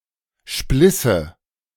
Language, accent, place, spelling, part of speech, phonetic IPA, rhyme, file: German, Germany, Berlin, splisse, verb, [ˈʃplɪsə], -ɪsə, De-splisse.ogg
- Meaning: first/third-person singular subjunctive II of spleißen